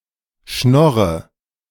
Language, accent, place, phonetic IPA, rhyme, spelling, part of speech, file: German, Germany, Berlin, [ˈʃnɔʁə], -ɔʁə, schnorre, verb, De-schnorre.ogg
- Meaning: inflection of schnorren: 1. first-person singular present 2. first/third-person singular subjunctive I 3. singular imperative